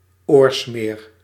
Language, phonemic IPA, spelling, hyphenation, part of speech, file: Dutch, /ˈoːr.smeːr/, oorsmeer, oor‧smeer, noun, Nl-oorsmeer.ogg
- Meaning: ear wax